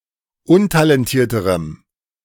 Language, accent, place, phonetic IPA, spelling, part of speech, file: German, Germany, Berlin, [ˈʊntalɛnˌtiːɐ̯təʁəm], untalentierterem, adjective, De-untalentierterem.ogg
- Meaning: strong dative masculine/neuter singular comparative degree of untalentiert